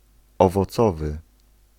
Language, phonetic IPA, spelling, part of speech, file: Polish, [ˌɔvɔˈt͡sɔvɨ], owocowy, adjective, Pl-owocowy.ogg